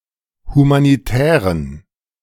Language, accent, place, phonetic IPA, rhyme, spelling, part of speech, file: German, Germany, Berlin, [humaniˈtɛːʁən], -ɛːʁən, humanitären, adjective, De-humanitären.ogg
- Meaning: inflection of humanitär: 1. strong genitive masculine/neuter singular 2. weak/mixed genitive/dative all-gender singular 3. strong/weak/mixed accusative masculine singular 4. strong dative plural